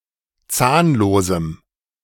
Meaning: strong dative masculine/neuter singular of zahnlos
- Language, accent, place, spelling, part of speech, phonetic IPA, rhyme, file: German, Germany, Berlin, zahnlosem, adjective, [ˈt͡saːnloːzm̩], -aːnloːzm̩, De-zahnlosem.ogg